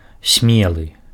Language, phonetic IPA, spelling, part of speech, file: Belarusian, [ˈsʲmʲeɫɨ], смелы, adjective, Be-смелы.ogg
- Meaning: daring, audacious, bold, brave